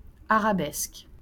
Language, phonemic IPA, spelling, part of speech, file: French, /a.ʁa.bɛsk/, arabesque, noun / adjective, LL-Q150 (fra)-arabesque.wav
- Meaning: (noun) arabesque; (adjective) Arabic (of Arabic peoples)